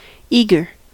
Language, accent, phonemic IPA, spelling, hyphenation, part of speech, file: English, US, /ˈiɡɚ/, eager, ea‧ger, adjective / verb / noun, En-us-eager.ogg
- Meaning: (adjective) 1. Desirous; keen to do or obtain something 2. Not employing lazy evaluation; calculating results immediately, rather than deferring calculation until they are required